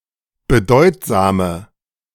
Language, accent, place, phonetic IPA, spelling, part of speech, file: German, Germany, Berlin, [bəˈdɔɪ̯tzaːmə], bedeutsame, adjective, De-bedeutsame.ogg
- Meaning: inflection of bedeutsam: 1. strong/mixed nominative/accusative feminine singular 2. strong nominative/accusative plural 3. weak nominative all-gender singular